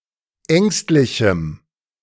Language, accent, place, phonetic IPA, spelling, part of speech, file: German, Germany, Berlin, [ˈɛŋstlɪçm̩], ängstlichem, adjective, De-ängstlichem.ogg
- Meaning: strong dative masculine/neuter singular of ängstlich